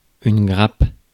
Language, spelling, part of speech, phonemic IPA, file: French, grappe, noun, /ɡʁap/, Fr-grappe.ogg
- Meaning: bunch, cluster